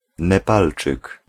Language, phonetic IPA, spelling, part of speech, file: Polish, [nɛˈpalt͡ʃɨk], Nepalczyk, noun, Pl-Nepalczyk.ogg